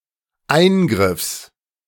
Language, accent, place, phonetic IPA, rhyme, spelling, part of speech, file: German, Germany, Berlin, [ˈaɪ̯nɡʁɪfs], -aɪ̯nɡʁɪfs, Eingriffs, noun, De-Eingriffs.ogg
- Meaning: genitive singular of Eingriff